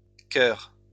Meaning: nonstandard spelling of chœur
- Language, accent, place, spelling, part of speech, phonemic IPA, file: French, France, Lyon, choeur, noun, /kœʁ/, LL-Q150 (fra)-choeur.wav